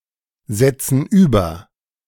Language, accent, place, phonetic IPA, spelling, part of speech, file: German, Germany, Berlin, [ˌzɛt͡sn̩ ˈyːbɐ], setzen über, verb, De-setzen über.ogg
- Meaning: inflection of übersetzen: 1. first/third-person plural present 2. first/third-person plural subjunctive I